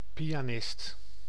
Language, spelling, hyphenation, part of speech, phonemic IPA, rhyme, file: Dutch, pianist, pi‧a‧nist, noun, /ˌpi.aːˈnɪst/, -ɪst, Nl-pianist.ogg
- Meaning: pianist